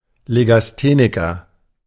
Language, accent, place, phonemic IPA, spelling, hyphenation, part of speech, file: German, Germany, Berlin, /ˌleɡasˈtenɪkɐ/, Legastheniker, Le‧gas‧the‧ni‧ker, noun, De-Legastheniker.ogg
- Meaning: dyslexic, dyslectic